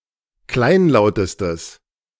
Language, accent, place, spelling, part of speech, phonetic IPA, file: German, Germany, Berlin, kleinlautestes, adjective, [ˈklaɪ̯nˌlaʊ̯təstəs], De-kleinlautestes.ogg
- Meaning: strong/mixed nominative/accusative neuter singular superlative degree of kleinlaut